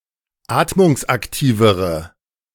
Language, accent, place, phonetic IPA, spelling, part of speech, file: German, Germany, Berlin, [ˈaːtmʊŋsʔakˌtiːvəʁə], atmungsaktivere, adjective, De-atmungsaktivere.ogg
- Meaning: inflection of atmungsaktiv: 1. strong/mixed nominative/accusative feminine singular comparative degree 2. strong nominative/accusative plural comparative degree